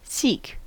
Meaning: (verb) 1. To try to find; to look for; to search for 2. To try to acquire or gain; to strive after 3. To try to reach or come to (a location) 4. To attempt, to try [with infinitive ‘to do something’]
- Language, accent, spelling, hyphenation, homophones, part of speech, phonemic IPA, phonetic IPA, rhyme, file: English, US, seek, seek, Sikh, verb / noun, /ˈsiːk/, [ˈsɪi̯k], -iːk, En-us-seek.ogg